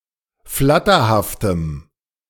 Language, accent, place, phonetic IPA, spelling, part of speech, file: German, Germany, Berlin, [ˈflatɐhaftəm], flatterhaftem, adjective, De-flatterhaftem.ogg
- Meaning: strong dative masculine/neuter singular of flatterhaft